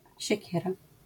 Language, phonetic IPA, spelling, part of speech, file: Polish, [ɕɛ̇ˈcɛra], siekiera, noun, LL-Q809 (pol)-siekiera.wav